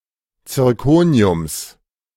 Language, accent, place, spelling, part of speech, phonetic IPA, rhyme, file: German, Germany, Berlin, Zirkoniums, noun, [t͡sɪʁˈkoːni̯ʊms], -oːni̯ʊms, De-Zirkoniums.ogg
- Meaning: genitive singular of Zirkonium